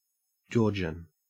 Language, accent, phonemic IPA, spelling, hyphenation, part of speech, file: English, Australia, /ˈd͡ʒoːd͡ʒən/, Georgian, Georg‧ian, proper noun / noun / adjective, En-au-Georgian.ogg
- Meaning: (proper noun) The language of Georgia, a country in Eastern Europe and Western Asia; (noun) A person or a descendant of a person from Georgia, a country in Eastern Europe and Western Asia